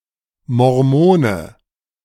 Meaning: Mormon
- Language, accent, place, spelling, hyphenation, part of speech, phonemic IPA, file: German, Germany, Berlin, Mormone, Mor‧mo‧ne, noun, /mɔʁˈmoːnə/, De-Mormone.ogg